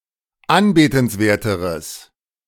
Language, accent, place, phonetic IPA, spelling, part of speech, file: German, Germany, Berlin, [ˈanbeːtn̩sˌveːɐ̯təʁəs], anbetenswerteres, adjective, De-anbetenswerteres.ogg
- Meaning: strong/mixed nominative/accusative neuter singular comparative degree of anbetenswert